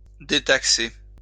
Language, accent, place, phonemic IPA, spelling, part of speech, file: French, France, Lyon, /de.tak.se/, détaxer, verb, LL-Q150 (fra)-détaxer.wav
- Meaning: to free from tax